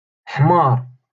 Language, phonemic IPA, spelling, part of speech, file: Moroccan Arabic, /ħmaːr/, حمار, noun / verb, LL-Q56426 (ary)-حمار.wav
- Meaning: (noun) 1. donkey, ass 2. idiot, dumbass; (verb) 1. to become red 2. to blush 3. to become sunburnt